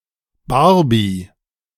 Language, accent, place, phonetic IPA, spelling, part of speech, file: German, Germany, Berlin, [ˈbaʁbi], Barbie, noun, De-Barbie.ogg
- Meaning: a surname